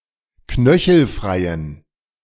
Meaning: inflection of knöchelfrei: 1. strong genitive masculine/neuter singular 2. weak/mixed genitive/dative all-gender singular 3. strong/weak/mixed accusative masculine singular 4. strong dative plural
- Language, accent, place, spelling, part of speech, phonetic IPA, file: German, Germany, Berlin, knöchelfreien, adjective, [ˈknœçl̩ˌfʁaɪ̯ən], De-knöchelfreien.ogg